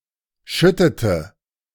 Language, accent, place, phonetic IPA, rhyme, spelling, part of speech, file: German, Germany, Berlin, [ˈʃʏtətə], -ʏtətə, schüttete, verb, De-schüttete.ogg
- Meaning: inflection of schütten: 1. first/third-person singular preterite 2. first/third-person singular subjunctive II